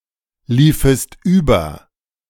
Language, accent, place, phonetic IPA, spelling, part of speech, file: German, Germany, Berlin, [ˌliːfəst ˈyːbɐ], liefest über, verb, De-liefest über.ogg
- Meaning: second-person singular subjunctive II of überlaufen